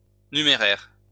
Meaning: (adjective) 1. cash, monetary 2. pronounced, counted; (noun) 1. cash, readies 2. numéraire (standard by which values are measured)
- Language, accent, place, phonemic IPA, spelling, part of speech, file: French, France, Lyon, /ny.me.ʁɛʁ/, numéraire, adjective / noun, LL-Q150 (fra)-numéraire.wav